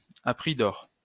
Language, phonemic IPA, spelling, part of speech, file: French, /a pʁi d‿ɔʁ/, à prix d'or, adverb, LL-Q150 (fra)-à prix d'or.wav
- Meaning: over the odds, very dearly